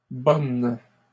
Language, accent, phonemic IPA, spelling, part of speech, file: French, Canada, /bɔn/, bonnes, adjective / noun, LL-Q150 (fra)-bonnes.wav
- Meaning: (adjective) feminine plural of bon; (noun) plural of bonne